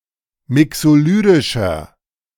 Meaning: inflection of mixolydisch: 1. strong/mixed nominative masculine singular 2. strong genitive/dative feminine singular 3. strong genitive plural
- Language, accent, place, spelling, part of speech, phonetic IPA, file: German, Germany, Berlin, mixolydischer, adjective, [ˈmɪksoˌlyːdɪʃɐ], De-mixolydischer.ogg